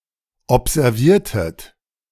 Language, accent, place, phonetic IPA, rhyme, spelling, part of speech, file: German, Germany, Berlin, [ɔpzɛʁˈviːɐ̯tət], -iːɐ̯tət, observiertet, verb, De-observiertet.ogg
- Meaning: inflection of observieren: 1. second-person plural preterite 2. second-person plural subjunctive II